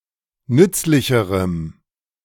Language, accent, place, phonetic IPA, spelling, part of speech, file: German, Germany, Berlin, [ˈnʏt͡slɪçəʁəm], nützlicherem, adjective, De-nützlicherem.ogg
- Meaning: strong dative masculine/neuter singular comparative degree of nützlich